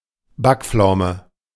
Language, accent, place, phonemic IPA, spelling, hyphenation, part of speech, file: German, Germany, Berlin, /ˈbakˌp͡flaʊ̯mə/, Backpflaume, Back‧pflau‧me, noun, De-Backpflaume.ogg
- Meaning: prune